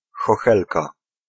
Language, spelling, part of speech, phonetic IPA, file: Polish, chochelka, noun, [xɔˈxɛlka], Pl-chochelka.ogg